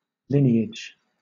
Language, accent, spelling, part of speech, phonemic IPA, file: English, Southern England, lineage, noun, /ˈlɪn.i.ɪd͡ʒ/, LL-Q1860 (eng)-lineage.wav
- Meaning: 1. Descent in a line from a common progenitor; progeny; descending line of offspring or ascending line of parentage 2. A number of lines of text in a column 3. A fee or rate paid per line of text